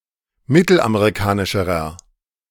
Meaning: inflection of mittelamerikanisch: 1. strong/mixed nominative masculine singular comparative degree 2. strong genitive/dative feminine singular comparative degree
- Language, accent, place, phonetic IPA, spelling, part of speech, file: German, Germany, Berlin, [ˈmɪtl̩ʔameʁiˌkaːnɪʃəʁɐ], mittelamerikanischerer, adjective, De-mittelamerikanischerer.ogg